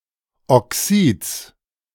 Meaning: genitive singular of Oxid
- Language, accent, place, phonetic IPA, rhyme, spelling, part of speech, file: German, Germany, Berlin, [ɔˈksiːt͡s], -iːt͡s, Oxids, noun, De-Oxids.ogg